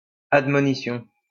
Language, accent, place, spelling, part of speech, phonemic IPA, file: French, France, Lyon, admonition, noun, /ad.mɔ.ni.sjɔ̃/, LL-Q150 (fra)-admonition.wav
- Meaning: an admonition, a warning